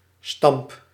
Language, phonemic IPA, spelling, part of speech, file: Dutch, /stɑmp/, stamp, noun / verb, Nl-stamp.ogg
- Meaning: inflection of stampen: 1. first-person singular present indicative 2. second-person singular present indicative 3. imperative